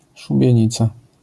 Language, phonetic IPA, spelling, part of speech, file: Polish, [ˌʃubʲjɛ̇̃ˈɲit͡sa], szubienica, noun, LL-Q809 (pol)-szubienica.wav